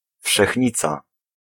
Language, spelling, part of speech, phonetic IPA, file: Polish, wszechnica, noun, [fʃɛxʲˈɲit͡sa], Pl-wszechnica.ogg